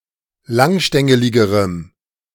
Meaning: strong dative masculine/neuter singular comparative degree of langstängelig
- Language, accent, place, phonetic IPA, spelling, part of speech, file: German, Germany, Berlin, [ˈlaŋˌʃtɛŋəlɪɡəʁəm], langstängeligerem, adjective, De-langstängeligerem.ogg